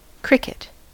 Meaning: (noun) An insect in the order Orthoptera, especially family Gryllidae, that makes a chirping sound by rubbing its wing casings against combs on its hind legs
- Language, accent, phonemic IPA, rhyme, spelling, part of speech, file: English, US, /ˈkɹɪkɪt/, -ɪkɪt, cricket, noun / verb, En-us-cricket.ogg